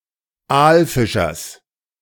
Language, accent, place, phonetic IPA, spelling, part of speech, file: German, Germany, Berlin, [ˈaːlˌfɪʃɐs], Aalfischers, noun, De-Aalfischers.ogg
- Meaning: genitive singular of Aalfischer